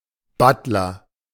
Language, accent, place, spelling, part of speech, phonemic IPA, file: German, Germany, Berlin, Butler, noun, /ˈbatlɐ/, De-Butler.ogg
- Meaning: A butler, chief male servant, majordomo